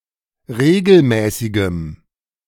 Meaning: strong dative masculine/neuter singular of regelmäßig
- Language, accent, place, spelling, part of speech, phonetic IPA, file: German, Germany, Berlin, regelmäßigem, adjective, [ˈʁeːɡl̩ˌmɛːsɪɡəm], De-regelmäßigem.ogg